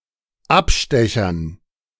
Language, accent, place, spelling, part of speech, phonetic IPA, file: German, Germany, Berlin, Abstechern, noun, [ˈapˌʃtɛçɐn], De-Abstechern.ogg
- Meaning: dative plural of Abstecher